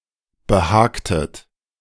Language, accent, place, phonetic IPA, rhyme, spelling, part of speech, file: German, Germany, Berlin, [bəˈhaːktət], -aːktət, behagtet, verb, De-behagtet.ogg
- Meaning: inflection of behagen: 1. second-person plural preterite 2. second-person plural subjunctive II